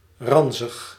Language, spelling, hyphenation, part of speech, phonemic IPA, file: Dutch, ranzig, ran‧zig, adjective, /ˈrɑn.zəx/, Nl-ranzig.ogg
- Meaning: 1. rancid, disgusting 2. dirty, unclean, gross